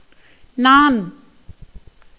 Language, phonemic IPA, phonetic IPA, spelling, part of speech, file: Tamil, /nɑːn/, [näːn], நான், pronoun / noun, Ta-நான்.ogg
- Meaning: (pronoun) I (1st person singular pronoun); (noun) naan bread